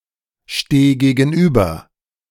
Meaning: singular imperative of gegenüberstehen
- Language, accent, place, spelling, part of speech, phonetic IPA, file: German, Germany, Berlin, steh gegenüber, verb, [ˌʃteː ɡeːɡn̩ˈʔyːbɐ], De-steh gegenüber.ogg